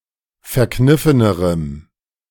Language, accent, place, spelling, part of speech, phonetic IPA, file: German, Germany, Berlin, verkniffenerem, adjective, [fɛɐ̯ˈknɪfənəʁəm], De-verkniffenerem.ogg
- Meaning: strong dative masculine/neuter singular comparative degree of verkniffen